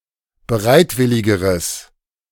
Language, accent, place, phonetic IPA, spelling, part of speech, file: German, Germany, Berlin, [bəˈʁaɪ̯tˌvɪlɪɡəʁəs], bereitwilligeres, adjective, De-bereitwilligeres.ogg
- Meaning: strong/mixed nominative/accusative neuter singular comparative degree of bereitwillig